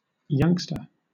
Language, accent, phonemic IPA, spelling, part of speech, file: English, Southern England, /ˈjʌŋstə/, youngster, noun, LL-Q1860 (eng)-youngster.wav
- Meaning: A young person